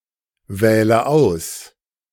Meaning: inflection of auswählen: 1. first-person singular present 2. first/third-person singular subjunctive I 3. singular imperative
- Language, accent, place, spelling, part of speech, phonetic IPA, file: German, Germany, Berlin, wähle aus, verb, [ˌvɛːlə ˈaʊ̯s], De-wähle aus.ogg